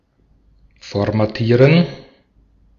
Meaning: to format
- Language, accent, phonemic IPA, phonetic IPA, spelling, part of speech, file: German, Austria, /fɔʁmaˈtiːʁən/, [fɔɐ̯maˈtiːɐ̯n], formatieren, verb, De-at-formatieren.ogg